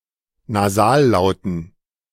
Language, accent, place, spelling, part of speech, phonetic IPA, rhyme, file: German, Germany, Berlin, Nasallauten, noun, [naˈzaːlˌlaʊ̯tn̩], -aːllaʊ̯tn̩, De-Nasallauten.ogg
- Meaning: dative plural of Nasallaut